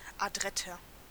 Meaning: 1. comparative degree of adrett 2. inflection of adrett: strong/mixed nominative masculine singular 3. inflection of adrett: strong genitive/dative feminine singular
- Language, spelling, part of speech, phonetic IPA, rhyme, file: German, adretter, adjective, [aˈdʁɛtɐ], -ɛtɐ, De-adretter.ogg